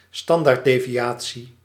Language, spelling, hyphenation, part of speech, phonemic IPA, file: Dutch, standaarddeviatie, stan‧daard‧de‧vi‧a‧tie, noun, /ˈstɑn.daːrt.deː.viˌaː.(t)si/, Nl-standaarddeviatie.ogg
- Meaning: standard deviation